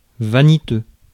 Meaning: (adjective) conceited, frivolous, vain; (noun) a conceited person, frivolous person, vain person
- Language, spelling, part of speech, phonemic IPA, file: French, vaniteux, adjective / noun, /va.ni.tø/, Fr-vaniteux.ogg